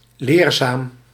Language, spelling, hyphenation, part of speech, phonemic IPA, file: Dutch, leerzaam, leer‧zaam, adjective, /ˈleːr.zaːm/, Nl-leerzaam.ogg
- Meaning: informative, instructional, instructive